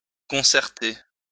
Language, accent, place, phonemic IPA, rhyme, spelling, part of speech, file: French, France, Lyon, /kɔ̃.sɛʁ.te/, -e, concerter, verb, LL-Q150 (fra)-concerter.wav
- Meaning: to concert; plan